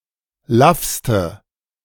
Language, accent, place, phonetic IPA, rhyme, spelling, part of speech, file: German, Germany, Berlin, [ˈlafstə], -afstə, laffste, adjective, De-laffste.ogg
- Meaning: inflection of laff: 1. strong/mixed nominative/accusative feminine singular superlative degree 2. strong nominative/accusative plural superlative degree